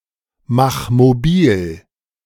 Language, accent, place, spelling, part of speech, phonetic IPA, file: German, Germany, Berlin, mach mobil, verb, [ˌmax moˈbiːl], De-mach mobil.ogg
- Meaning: 1. singular imperative of mobilmachen 2. first-person singular present of mobilmachen